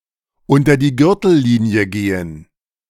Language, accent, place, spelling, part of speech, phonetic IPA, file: German, Germany, Berlin, unter die Gürtellinie gehen, verb, [ˈʊntɐ diː ˈɡʏʁtl̩ˌliːni̯ə ˈɡeːən], De-unter die Gürtellinie gehen.ogg
- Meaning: to go below the belt